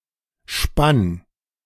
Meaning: 1. instep 2. arch of the foot 3. bucket
- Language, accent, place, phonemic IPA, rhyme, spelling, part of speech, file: German, Germany, Berlin, /ʃpan/, -an, Spann, noun, De-Spann.ogg